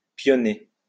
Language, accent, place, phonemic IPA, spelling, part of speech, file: French, France, Lyon, /pjɔ.ne/, pionner, verb, LL-Q150 (fra)-pionner.wav
- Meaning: to exchange (a piece)